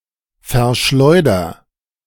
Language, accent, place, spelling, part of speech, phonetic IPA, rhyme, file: German, Germany, Berlin, verschleuder, verb, [fɛɐ̯ˈʃlɔɪ̯dɐ], -ɔɪ̯dɐ, De-verschleuder.ogg
- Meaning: inflection of verschleudern: 1. first-person singular present 2. singular imperative